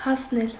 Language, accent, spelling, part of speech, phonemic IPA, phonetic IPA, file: Armenian, Eastern Armenian, հասնել, verb, /hɑsˈnel/, [hɑsnél], Hy-հասնել.ogg
- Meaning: 1. to reach 2. to attain, to achieve 3. to ripen, to mature